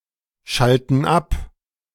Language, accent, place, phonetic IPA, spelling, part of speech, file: German, Germany, Berlin, [ˌʃaltn̩ ˈap], schalten ab, verb, De-schalten ab.ogg
- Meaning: inflection of abschalten: 1. first/third-person plural present 2. first/third-person plural subjunctive I